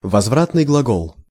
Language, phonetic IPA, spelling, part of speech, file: Russian, [vɐzˈvratnɨj ɡɫɐˈɡoɫ], возвратный глагол, noun, Ru-возвратный глагол.ogg
- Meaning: reflexive verb